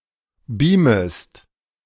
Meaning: second-person singular subjunctive I of beamen
- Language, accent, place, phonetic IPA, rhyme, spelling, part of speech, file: German, Germany, Berlin, [ˈbiːməst], -iːməst, beamest, verb, De-beamest.ogg